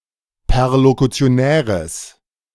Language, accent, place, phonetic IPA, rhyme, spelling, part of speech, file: German, Germany, Berlin, [pɛʁlokut͡si̯oˈnɛːʁəs], -ɛːʁəs, perlokutionäres, adjective, De-perlokutionäres.ogg
- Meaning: strong/mixed nominative/accusative neuter singular of perlokutionär